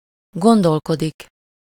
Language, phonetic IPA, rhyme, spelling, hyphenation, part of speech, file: Hungarian, [ˈɡondolkodik], -odik, gondolkodik, gon‧dol‧ko‧dik, verb, Hu-gondolkodik.ogg
- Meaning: 1. to ponder (to think thoroughly or lengthily) (about something -n/-on/-en/-ön) 2. to have an opinion, to think about (-ról/-ről)